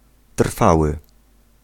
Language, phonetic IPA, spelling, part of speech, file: Polish, [ˈtr̥fawɨ], trwały, adjective / verb, Pl-trwały.ogg